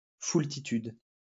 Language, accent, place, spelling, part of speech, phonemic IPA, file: French, France, Lyon, foultitude, noun, /ful.ti.tyd/, LL-Q150 (fra)-foultitude.wav
- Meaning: oodles (a large number of things)